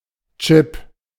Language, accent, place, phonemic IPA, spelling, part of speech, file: German, Germany, Berlin, /tʃɪp/, Chip, noun, De-Chip.ogg
- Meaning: 1. chip 2. chip (piece of plastic or metal used as a token for money, entrance tickets, etc.) 3. crisp/chip 4. chip shot